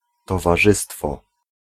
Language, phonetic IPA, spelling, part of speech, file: Polish, [ˌtɔvaˈʒɨstfɔ], towarzystwo, noun, Pl-towarzystwo.ogg